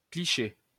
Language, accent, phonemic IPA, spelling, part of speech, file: French, France, /kli.ʃe/, cliché, noun, LL-Q150 (fra)-cliché.wav
- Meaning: 1. stereotype (printing plate) 2. negative 3. snapshot 4. cliché; stereotype (overused phrase or expression)